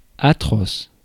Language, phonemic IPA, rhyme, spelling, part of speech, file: French, /a.tʁɔs/, -ɔs, atroce, adjective, Fr-atroce.ogg
- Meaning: 1. atrocious 2. terrible, dreadful 3. inhuman, savage, cruel